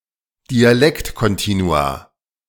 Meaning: plural of Dialektkontinuum
- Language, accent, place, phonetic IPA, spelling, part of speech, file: German, Germany, Berlin, [diaˈlɛktkɔnˌtiːnua], Dialektkontinua, noun, De-Dialektkontinua.ogg